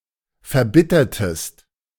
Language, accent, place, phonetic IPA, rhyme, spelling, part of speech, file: German, Germany, Berlin, [fɛɐ̯ˈbɪtɐtəst], -ɪtɐtəst, verbittertest, verb, De-verbittertest.ogg
- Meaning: inflection of verbittern: 1. second-person singular preterite 2. second-person singular subjunctive II